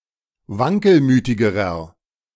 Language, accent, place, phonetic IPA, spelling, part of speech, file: German, Germany, Berlin, [ˈvaŋkəlˌmyːtɪɡəʁɐ], wankelmütigerer, adjective, De-wankelmütigerer.ogg
- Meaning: inflection of wankelmütig: 1. strong/mixed nominative masculine singular comparative degree 2. strong genitive/dative feminine singular comparative degree 3. strong genitive plural comparative degree